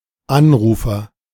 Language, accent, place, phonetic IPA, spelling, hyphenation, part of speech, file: German, Germany, Berlin, [ˈanˌʀuːfɐ], Anrufer, An‧ru‧fer, noun, De-Anrufer.ogg
- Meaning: caller